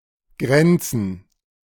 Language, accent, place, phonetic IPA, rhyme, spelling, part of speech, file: German, Germany, Berlin, [ˈɡʁɛnt͡sn̩], -ɛnt͡sn̩, Grenzen, noun, De-Grenzen.ogg
- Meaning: plural of Grenze